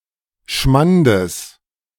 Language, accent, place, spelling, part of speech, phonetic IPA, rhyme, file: German, Germany, Berlin, Schmandes, noun, [ˈʃmandəs], -andəs, De-Schmandes.ogg
- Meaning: genitive singular of Schmand